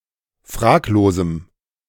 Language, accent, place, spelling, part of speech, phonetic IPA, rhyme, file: German, Germany, Berlin, fraglosem, adjective, [ˈfʁaːkloːzm̩], -aːkloːzm̩, De-fraglosem.ogg
- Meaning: strong dative masculine/neuter singular of fraglos